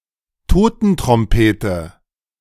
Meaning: black chanterelle (mushroom)
- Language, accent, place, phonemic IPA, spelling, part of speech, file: German, Germany, Berlin, /ˈtoːtn̩tʁɔmˌpeːtə/, Totentrompete, noun, De-Totentrompete.ogg